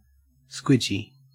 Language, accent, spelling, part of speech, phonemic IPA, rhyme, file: English, Australia, squidgy, adjective / noun, /ˈskwɪd͡ʒi/, -ɪdʒi, En-au-squidgy.ogg
- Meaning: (adjective) Moist and pliant; soggy; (noun) A soft plastic lure